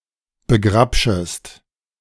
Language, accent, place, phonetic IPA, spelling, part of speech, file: German, Germany, Berlin, [bəˈɡʁapʃəst], begrabschest, verb, De-begrabschest.ogg
- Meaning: second-person singular subjunctive I of begrabschen